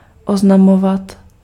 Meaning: imperfective form of oznámit
- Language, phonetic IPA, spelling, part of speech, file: Czech, [ˈoznamovat], oznamovat, verb, Cs-oznamovat.ogg